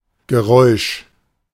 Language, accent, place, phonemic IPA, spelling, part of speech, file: German, Germany, Berlin, /ɡəˈʁɔʏ̯ʃ/, Geräusch, noun, De-Geräusch.ogg
- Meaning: noise, sound